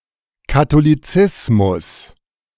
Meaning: Catholicism
- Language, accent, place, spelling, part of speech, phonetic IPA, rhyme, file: German, Germany, Berlin, Katholizismus, noun, [katoliˈt͡sɪsmʊs], -ɪsmʊs, De-Katholizismus.ogg